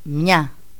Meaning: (article) nominative/accusative feminine of ένας (énas, “a, an”); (numeral) nominative/accusative feminine of ένας (énas, “one”)
- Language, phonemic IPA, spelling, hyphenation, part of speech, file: Greek, /mɲa/, μια, μια, article / numeral, Ell-mia.ogg